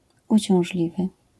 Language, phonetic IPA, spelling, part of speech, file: Polish, [ˌut͡ɕɔ̃w̃ʒˈlʲivɨ], uciążliwy, adjective, LL-Q809 (pol)-uciążliwy.wav